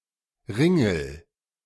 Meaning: inflection of ringeln: 1. first-person singular present 2. singular imperative
- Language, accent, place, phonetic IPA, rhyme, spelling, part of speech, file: German, Germany, Berlin, [ˈʁɪŋl̩], -ɪŋl̩, ringel, verb, De-ringel.ogg